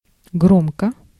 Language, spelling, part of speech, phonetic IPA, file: Russian, громко, adverb / adjective, [ˈɡromkə], Ru-громко.ogg
- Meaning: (adverb) loudly, aloud; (adjective) 1. loud, noisy 2. (is/are) famous, great, noted 3. notorious 4. pompous 5. short neuter singular of гро́мкий (grómkij)